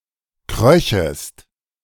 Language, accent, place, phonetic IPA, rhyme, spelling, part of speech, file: German, Germany, Berlin, [ˈkʁœçəst], -œçəst, kröchest, verb, De-kröchest.ogg
- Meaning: second-person singular subjunctive II of kriechen